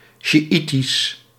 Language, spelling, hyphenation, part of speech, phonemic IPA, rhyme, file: Dutch, sjiitisch, sji‧i‧tisch, adjective, /ˌʃiˈi.tis/, -itis, Nl-sjiitisch.ogg
- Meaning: Shiite, Shiitic (pertaining to Shia Islam)